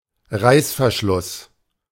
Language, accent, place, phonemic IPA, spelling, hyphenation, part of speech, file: German, Germany, Berlin, /ˈʁaɪ̯sfɛɐ̯ˌʃlʊs/, Reißverschluss, Reiß‧ver‧schluss, noun, De-Reißverschluss.ogg
- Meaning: zipper